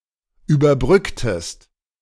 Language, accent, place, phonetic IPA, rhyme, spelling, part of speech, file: German, Germany, Berlin, [yːbɐˈbʁʏktəst], -ʏktəst, überbrücktest, verb, De-überbrücktest.ogg
- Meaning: inflection of überbrücken: 1. second-person singular preterite 2. second-person singular subjunctive II